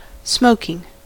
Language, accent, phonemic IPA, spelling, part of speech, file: English, US, /ˈsmoʊkɪŋ/, smoking, verb / adjective / noun, En-us-smoking.ogg
- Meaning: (verb) present participle and gerund of smoke; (adjective) 1. Giving off smoke 2. Sexually attractive, usually referring to a woman 3. Showing great skill or talent